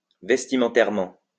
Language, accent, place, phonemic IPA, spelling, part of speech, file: French, France, Lyon, /vɛs.ti.mɑ̃.tɛʁ.mɑ̃/, vestimentairement, adverb, LL-Q150 (fra)-vestimentairement.wav
- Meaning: vestimentarily